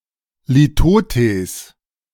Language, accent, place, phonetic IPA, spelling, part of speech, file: German, Germany, Berlin, [liˈtoːtɛs], Litotes, noun, De-Litotes.ogg
- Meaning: litotes